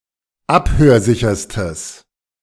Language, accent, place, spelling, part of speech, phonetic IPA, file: German, Germany, Berlin, abhörsicherstes, adjective, [ˈaphøːɐ̯ˌzɪçɐstəs], De-abhörsicherstes.ogg
- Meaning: strong/mixed nominative/accusative neuter singular superlative degree of abhörsicher